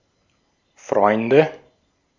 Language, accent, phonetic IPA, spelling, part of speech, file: German, Austria, [ˈfʁɔɪ̯ndə], Freunde, noun, De-at-Freunde.ogg
- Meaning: 1. nominative/accusative/genitive plural of Freund 2. friends